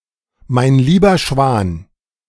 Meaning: Expressing surprise or astonishment
- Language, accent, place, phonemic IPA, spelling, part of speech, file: German, Germany, Berlin, /maɪ̯n ˈliːbɐ ʃvaːn/, mein lieber Schwan, interjection, De-mein lieber Schwan.ogg